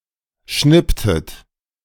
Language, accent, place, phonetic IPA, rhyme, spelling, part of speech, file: German, Germany, Berlin, [ˈʃnɪptət], -ɪptət, schnipptet, verb, De-schnipptet.ogg
- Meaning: inflection of schnippen: 1. second-person plural preterite 2. second-person plural subjunctive II